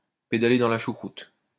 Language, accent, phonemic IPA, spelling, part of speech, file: French, France, /pe.da.le dɑ̃ la ʃu.kʁut/, pédaler dans la choucroute, verb, LL-Q150 (fra)-pédaler dans la choucroute.wav
- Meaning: to go around in circles, to tread water, to go nowhere fast, to flounder